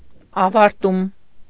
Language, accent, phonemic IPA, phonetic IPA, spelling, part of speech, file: Armenian, Eastern Armenian, /ɑvɑɾˈtum/, [ɑvɑɾtúm], ավարտում, noun, Hy-ավարտում.ogg
- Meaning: finishing, completion, fulfillment, end, ending